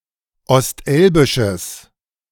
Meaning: strong/mixed nominative/accusative neuter singular of ostelbisch
- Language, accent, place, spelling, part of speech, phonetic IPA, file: German, Germany, Berlin, ostelbisches, adjective, [ɔstˈʔɛlbɪʃəs], De-ostelbisches.ogg